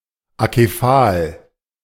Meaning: 1. acephalic 2. acephalous
- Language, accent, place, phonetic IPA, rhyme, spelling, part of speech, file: German, Germany, Berlin, [akeˈfaːl], -aːl, akephal, adjective, De-akephal.ogg